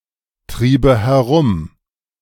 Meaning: first/third-person singular subjunctive II of herumtreiben
- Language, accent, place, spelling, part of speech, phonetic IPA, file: German, Germany, Berlin, triebe herum, verb, [ˌtʁiːbə hɛˈʁʊm], De-triebe herum.ogg